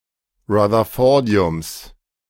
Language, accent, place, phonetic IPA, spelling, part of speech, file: German, Germany, Berlin, [ʁaðɐˈfɔʁdi̯ʊms], Rutherfordiums, noun, De-Rutherfordiums.ogg
- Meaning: genitive singular of Rutherfordium